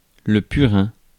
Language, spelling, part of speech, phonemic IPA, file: French, purin, noun, /py.ʁɛ̃/, Fr-purin.ogg
- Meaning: 1. manure 2. any liquid-based fertilizer